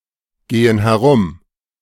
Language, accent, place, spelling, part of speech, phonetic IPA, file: German, Germany, Berlin, gehen herum, verb, [ˌɡeːən hɛˈʁʊm], De-gehen herum.ogg
- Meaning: inflection of herumgehen: 1. first/third-person plural present 2. first/third-person plural subjunctive I